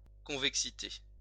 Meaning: convexity
- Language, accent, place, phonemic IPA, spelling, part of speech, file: French, France, Lyon, /kɔ̃.vɛk.si.te/, convexité, noun, LL-Q150 (fra)-convexité.wav